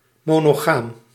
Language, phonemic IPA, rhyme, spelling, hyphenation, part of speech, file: Dutch, /ˌmoː.noːˈɣaːm/, -aːm, monogaam, mo‧no‧gaam, adjective, Nl-monogaam.ogg
- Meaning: monogamous